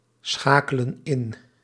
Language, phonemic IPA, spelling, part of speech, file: Dutch, /ˈsxakələ(n) ˈɪn/, schakelen in, verb, Nl-schakelen in.ogg
- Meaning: inflection of inschakelen: 1. plural present indicative 2. plural present subjunctive